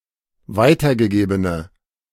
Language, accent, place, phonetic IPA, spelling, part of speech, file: German, Germany, Berlin, [ˈvaɪ̯tɐɡəˌɡeːbənə], weitergegebene, adjective, De-weitergegebene.ogg
- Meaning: inflection of weitergegeben: 1. strong/mixed nominative/accusative feminine singular 2. strong nominative/accusative plural 3. weak nominative all-gender singular